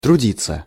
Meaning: 1. to work, to labor, to toil 2. passive of труди́ть (trudítʹ)
- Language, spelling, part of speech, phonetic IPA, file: Russian, трудиться, verb, [trʊˈdʲit͡sːə], Ru-трудиться.ogg